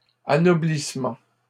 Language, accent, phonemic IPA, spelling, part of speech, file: French, Canada, /a.nɔ.blis.mɑ̃/, anoblissement, noun, LL-Q150 (fra)-anoblissement.wav
- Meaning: ennoblement